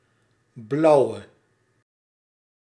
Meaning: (adjective) inflection of blauw: 1. masculine/feminine singular attributive 2. definite neuter singular attributive 3. plural attributive
- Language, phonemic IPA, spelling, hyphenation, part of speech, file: Dutch, /ˈblɑu̯ə/, blauwe, blau‧we, adjective / noun, Nl-blauwe.ogg